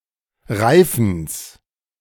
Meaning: genitive singular of Reifen
- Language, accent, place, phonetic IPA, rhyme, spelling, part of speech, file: German, Germany, Berlin, [ˈʁaɪ̯fn̩s], -aɪ̯fn̩s, Reifens, noun, De-Reifens.ogg